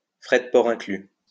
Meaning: P&P included
- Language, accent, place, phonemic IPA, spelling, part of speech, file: French, France, Lyon, /fʁɛ d(ə) pɔʁ ɛ̃.kly/, fdpin, adverb, LL-Q150 (fra)-fdpin.wav